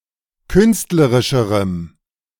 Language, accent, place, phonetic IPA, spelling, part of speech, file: German, Germany, Berlin, [ˈkʏnstləʁɪʃəʁəm], künstlerischerem, adjective, De-künstlerischerem.ogg
- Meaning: strong dative masculine/neuter singular comparative degree of künstlerisch